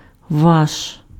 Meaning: your, yours (2nd-person singular formal or 2nd-person plural)
- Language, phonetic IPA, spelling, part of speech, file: Ukrainian, [ʋaʃ], ваш, pronoun, Uk-ваш.ogg